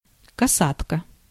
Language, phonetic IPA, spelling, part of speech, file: Russian, [kɐˈsatkə], касатка, noun, Ru-касатка.ogg
- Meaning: 1. swallow, barn swallow (Hirundo rustica) 2. darling